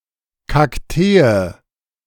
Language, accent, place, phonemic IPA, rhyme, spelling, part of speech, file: German, Germany, Berlin, /kakˈteːə/, -eːə, Kaktee, noun, De-Kaktee.ogg
- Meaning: synonym of Kaktus